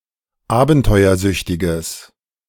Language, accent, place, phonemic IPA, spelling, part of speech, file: German, Germany, Berlin, /ˈaːbn̩tɔɪ̯ɐˌzʏçtɪɡəs/, abenteuersüchtiges, adjective, De-abenteuersüchtiges.ogg
- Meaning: strong/mixed nominative/accusative neuter singular of abenteuersüchtig